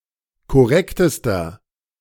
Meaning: inflection of korrekt: 1. strong/mixed nominative masculine singular superlative degree 2. strong genitive/dative feminine singular superlative degree 3. strong genitive plural superlative degree
- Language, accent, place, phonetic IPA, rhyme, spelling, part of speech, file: German, Germany, Berlin, [kɔˈʁɛktəstɐ], -ɛktəstɐ, korrektester, adjective, De-korrektester.ogg